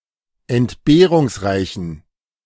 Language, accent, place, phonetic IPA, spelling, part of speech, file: German, Germany, Berlin, [ɛntˈbeːʁʊŋsˌʁaɪ̯çn̩], entbehrungsreichen, adjective, De-entbehrungsreichen.ogg
- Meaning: inflection of entbehrungsreich: 1. strong genitive masculine/neuter singular 2. weak/mixed genitive/dative all-gender singular 3. strong/weak/mixed accusative masculine singular